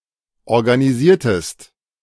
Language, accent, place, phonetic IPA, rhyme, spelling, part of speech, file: German, Germany, Berlin, [ɔʁɡaniˈziːɐ̯təst], -iːɐ̯təst, organisiertest, verb, De-organisiertest.ogg
- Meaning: inflection of organisieren: 1. second-person singular preterite 2. second-person singular subjunctive II